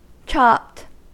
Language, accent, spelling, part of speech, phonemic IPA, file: English, General American, chopped, adjective / verb, /t͡ʃɑpt/, En-us-chopped.ogg
- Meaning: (adjective) 1. Cut or diced into small pieces 2. Ground, having been processed by grinding 3. Having a vehicle's height reduced by horizontal trimming of the roofline 4. High on drugs